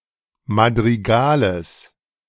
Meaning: genitive of Madrigal
- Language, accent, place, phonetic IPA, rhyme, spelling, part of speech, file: German, Germany, Berlin, [madʁiˈɡaːləs], -aːləs, Madrigales, noun, De-Madrigales.ogg